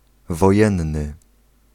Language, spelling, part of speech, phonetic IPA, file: Polish, wojenny, adjective, [vɔˈjɛ̃nːɨ], Pl-wojenny.ogg